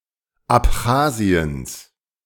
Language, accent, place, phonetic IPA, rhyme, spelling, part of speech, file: German, Germany, Berlin, [apˈxaːzi̯əns], -aːzi̯əns, Abchasiens, noun, De-Abchasiens.ogg
- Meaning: genitive singular of Abchasien